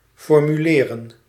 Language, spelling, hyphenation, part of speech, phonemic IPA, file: Dutch, formuleren, for‧mu‧le‧ren, verb, /fɔrmyˈleːrə(n)/, Nl-formuleren.ogg
- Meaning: to formulate